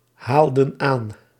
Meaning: inflection of aanhalen: 1. plural past indicative 2. plural past subjunctive
- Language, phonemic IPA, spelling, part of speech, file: Dutch, /ˈhaldə(n) ˈan/, haalden aan, verb, Nl-haalden aan.ogg